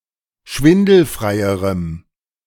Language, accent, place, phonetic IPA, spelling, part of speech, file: German, Germany, Berlin, [ˈʃvɪndl̩fʁaɪ̯əʁəm], schwindelfreierem, adjective, De-schwindelfreierem.ogg
- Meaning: strong dative masculine/neuter singular comparative degree of schwindelfrei